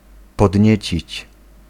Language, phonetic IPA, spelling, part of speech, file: Polish, [pɔdʲˈɲɛ̇t͡ɕit͡ɕ], podniecić, verb, Pl-podniecić.ogg